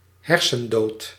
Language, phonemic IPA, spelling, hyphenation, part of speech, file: Dutch, /ˈɦɛr.sə(n)ˌdoːt/, hersendood, her‧sen‧dood, adjective / noun, Nl-hersendood.ogg
- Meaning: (adjective) brain-dead; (noun) brain death